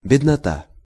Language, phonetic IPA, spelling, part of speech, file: Russian, [bʲɪdnɐˈta], беднота, noun, Ru-беднота.ogg
- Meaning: the poor